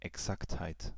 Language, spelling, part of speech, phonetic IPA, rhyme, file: German, Exaktheit, noun, [ɛˈksakthaɪ̯t], -akthaɪ̯t, De-Exaktheit.ogg
- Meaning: exactness